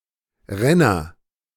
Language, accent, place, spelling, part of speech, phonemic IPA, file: German, Germany, Berlin, Renner, noun, /ˈʁɛnɐ/, De-Renner.ogg
- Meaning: 1. agent noun of rennen 2. courser, flier, racer (a good, fast racehorse) 3. racer (fast car or motorcycle) 4. blockbuster, smash, hit